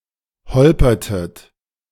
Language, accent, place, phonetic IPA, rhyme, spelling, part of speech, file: German, Germany, Berlin, [ˈhɔlpɐtət], -ɔlpɐtət, holpertet, verb, De-holpertet.ogg
- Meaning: inflection of holpern: 1. second-person plural preterite 2. second-person plural subjunctive II